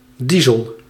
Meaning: diesel
- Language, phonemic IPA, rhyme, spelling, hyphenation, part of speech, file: Dutch, /ˈdi.zəl/, -izəl, diesel, die‧sel, noun, Nl-diesel.ogg